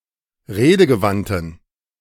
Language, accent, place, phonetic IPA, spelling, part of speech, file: German, Germany, Berlin, [ˈʁeːdəɡəˌvantn̩], redegewandten, adjective, De-redegewandten.ogg
- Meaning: inflection of redegewandt: 1. strong genitive masculine/neuter singular 2. weak/mixed genitive/dative all-gender singular 3. strong/weak/mixed accusative masculine singular 4. strong dative plural